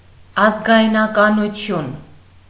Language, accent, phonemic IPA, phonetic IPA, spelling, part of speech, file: Armenian, Eastern Armenian, /ɑzɡɑjnɑkɑnuˈtʰjun/, [ɑzɡɑjnɑkɑnut͡sʰjún], ազգայնականություն, noun, Hy-ազգայնականություն.ogg
- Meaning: nationalism